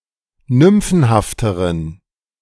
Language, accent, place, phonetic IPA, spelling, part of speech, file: German, Germany, Berlin, [ˈnʏmfn̩haftəʁən], nymphenhafteren, adjective, De-nymphenhafteren.ogg
- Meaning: inflection of nymphenhaft: 1. strong genitive masculine/neuter singular comparative degree 2. weak/mixed genitive/dative all-gender singular comparative degree